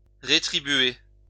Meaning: 1. to pay (for) 2. to reward
- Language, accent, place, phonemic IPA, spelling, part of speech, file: French, France, Lyon, /ʁe.tʁi.bɥe/, rétribuer, verb, LL-Q150 (fra)-rétribuer.wav